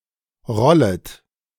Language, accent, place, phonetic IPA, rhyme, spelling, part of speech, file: German, Germany, Berlin, [ˈʁɔlət], -ɔlət, rollet, verb, De-rollet.ogg
- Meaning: second-person plural subjunctive I of rollen